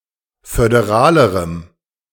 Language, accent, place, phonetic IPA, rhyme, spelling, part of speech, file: German, Germany, Berlin, [fødeˈʁaːləʁəm], -aːləʁəm, föderalerem, adjective, De-föderalerem.ogg
- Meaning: strong dative masculine/neuter singular comparative degree of föderal